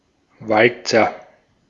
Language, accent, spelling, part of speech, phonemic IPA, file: German, Austria, Walzer, noun, /ˈvaltsɐ/, De-at-Walzer.ogg
- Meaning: waltz